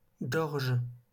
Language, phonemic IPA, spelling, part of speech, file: French, /ɡɔʁʒ/, gorges, noun / verb, LL-Q150 (fra)-gorges.wav
- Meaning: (noun) plural of gorge; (verb) second-person singular present indicative/subjunctive of gorger